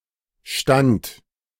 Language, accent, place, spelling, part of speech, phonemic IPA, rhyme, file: German, Germany, Berlin, stand, verb, /ʃtant/, -ant, De-stand.ogg
- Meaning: first/third-person singular preterite of stehen